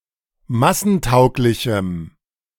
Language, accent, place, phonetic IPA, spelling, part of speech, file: German, Germany, Berlin, [ˈmasn̩ˌtaʊ̯klɪçm̩], massentauglichem, adjective, De-massentauglichem.ogg
- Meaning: strong dative masculine/neuter singular of massentauglich